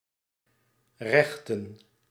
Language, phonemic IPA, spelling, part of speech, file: Dutch, /ˈrɛxtə(n)/, rechten, verb / noun, Nl-rechten.ogg
- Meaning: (verb) 1. to seek justice, notably: to sue judicially 2. to seek justice, notably: to contend by argument etc 3. to straighten 4. to erect, raise; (noun) 1. plural of recht 2. law